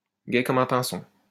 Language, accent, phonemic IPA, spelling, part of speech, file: French, France, /ɡɛ kɔ.m‿œ̃ pɛ̃.sɔ̃/, gai comme un pinson, adjective, LL-Q150 (fra)-gai comme un pinson.wav
- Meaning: happy as a clam, happy as a lark (very happy)